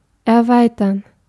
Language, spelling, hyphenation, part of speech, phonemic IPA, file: German, erweitern, er‧wei‧tern, verb, /ʔɛɐ̯ˈvaɪ̯tɐn/, De-erweitern.ogg
- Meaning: to extend, to expand